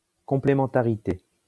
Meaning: 1. the act of working hand-in-hand, the act of complementing one another, coupling 2. complementarity
- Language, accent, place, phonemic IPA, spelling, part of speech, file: French, France, Lyon, /kɔ̃.ple.mɑ̃.ta.ʁi.te/, complémentarité, noun, LL-Q150 (fra)-complémentarité.wav